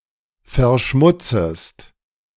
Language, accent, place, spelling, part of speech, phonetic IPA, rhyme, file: German, Germany, Berlin, verschmutzest, verb, [fɛɐ̯ˈʃmʊt͡səst], -ʊt͡səst, De-verschmutzest.ogg
- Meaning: second-person singular subjunctive I of verschmutzen